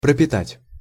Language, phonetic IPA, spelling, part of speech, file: Russian, [prəpʲɪˈtatʲ], пропитать, verb, Ru-пропитать.ogg
- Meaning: 1. to feed, to nourish 2. to impregnate (with), to saturate (with), to soak (in), to steep (in)